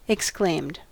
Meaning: simple past and past participle of exclaim
- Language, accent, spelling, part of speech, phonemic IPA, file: English, US, exclaimed, verb, /ɛkˈskleɪmd/, En-us-exclaimed.ogg